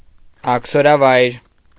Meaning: place or location where exiles are sent
- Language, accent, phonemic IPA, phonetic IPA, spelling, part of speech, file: Armenian, Eastern Armenian, /ɑkʰsoɾɑˈvɑjɾ/, [ɑkʰsoɾɑvɑ́jɾ], աքսորավայր, noun, Hy-աքսորավայր.ogg